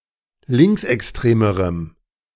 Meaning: strong dative masculine/neuter singular comparative degree of linksextrem
- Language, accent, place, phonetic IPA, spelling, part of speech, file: German, Germany, Berlin, [ˈlɪŋksʔɛksˌtʁeːməʁəm], linksextremerem, adjective, De-linksextremerem.ogg